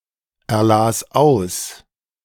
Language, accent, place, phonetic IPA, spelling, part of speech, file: German, Germany, Berlin, [ɛɐ̯ˌlaːs ˈaʊ̯s], erlas aus, verb, De-erlas aus.ogg
- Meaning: first/third-person singular preterite of auserlesen